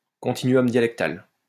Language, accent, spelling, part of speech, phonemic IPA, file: French, France, continuum dialectal, noun, /kɔ̃.ti.ny.ɔm dja.lɛk.tal/, LL-Q150 (fra)-continuum dialectal.wav
- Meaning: dialect continuum